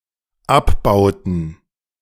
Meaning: inflection of abbauen: 1. first/third-person plural dependent preterite 2. first/third-person plural dependent subjunctive II
- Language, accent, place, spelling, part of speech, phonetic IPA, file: German, Germany, Berlin, abbauten, verb, [ˈapˌbaʊ̯tn̩], De-abbauten.ogg